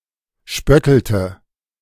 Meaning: inflection of spötteln: 1. first/third-person singular preterite 2. first/third-person singular subjunctive II
- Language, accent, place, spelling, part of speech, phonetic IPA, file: German, Germany, Berlin, spöttelte, verb, [ˈʃpœtl̩tə], De-spöttelte.ogg